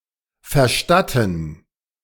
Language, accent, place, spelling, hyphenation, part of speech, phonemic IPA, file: German, Germany, Berlin, verstatten, ver‧stat‧ten, verb, /fərˈʃtatən/, De-verstatten.ogg
- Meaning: 1. to allow, to permit 2. to allocate, to provide